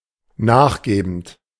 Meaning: present participle of nachgeben
- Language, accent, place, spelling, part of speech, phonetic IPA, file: German, Germany, Berlin, nachgebend, verb, [ˈnaːxˌɡeːbn̩t], De-nachgebend.ogg